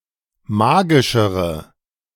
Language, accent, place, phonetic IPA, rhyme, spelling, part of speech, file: German, Germany, Berlin, [ˈmaːɡɪʃəʁə], -aːɡɪʃəʁə, magischere, adjective, De-magischere.ogg
- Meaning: inflection of magisch: 1. strong/mixed nominative/accusative feminine singular comparative degree 2. strong nominative/accusative plural comparative degree